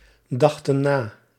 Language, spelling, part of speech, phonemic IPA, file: Dutch, dachten na, verb, /ˈdɑxtə(n) ˈna/, Nl-dachten na.ogg
- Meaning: inflection of nadenken: 1. plural past indicative 2. plural past subjunctive